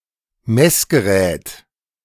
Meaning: gauge, meter (measuring device)
- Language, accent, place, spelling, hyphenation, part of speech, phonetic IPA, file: German, Germany, Berlin, Messgerät, Mess‧ge‧rät, noun, [ˈmɛsɡəˌʁɛːt], De-Messgerät.ogg